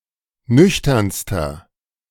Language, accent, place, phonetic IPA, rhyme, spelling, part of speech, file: German, Germany, Berlin, [ˈnʏçtɐnstɐ], -ʏçtɐnstɐ, nüchternster, adjective, De-nüchternster.ogg
- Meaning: inflection of nüchtern: 1. strong/mixed nominative masculine singular superlative degree 2. strong genitive/dative feminine singular superlative degree 3. strong genitive plural superlative degree